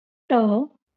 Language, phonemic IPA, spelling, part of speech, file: Marathi, /ʈə/, ट, character, LL-Q1571 (mar)-ट.wav
- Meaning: The tenth letter in Marathi